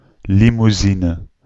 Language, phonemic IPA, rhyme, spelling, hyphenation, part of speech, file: Dutch, /ˌli.muˈzi.nə/, -inə, limousine, li‧mou‧si‧ne, noun, Nl-limousine.ogg
- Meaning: limousine (luxury sedan)